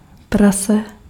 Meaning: 1. pig 2. pig (person who does disgusting things)
- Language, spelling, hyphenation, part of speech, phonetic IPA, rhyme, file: Czech, prase, pra‧se, noun, [ˈprasɛ], -asɛ, Cs-prase.ogg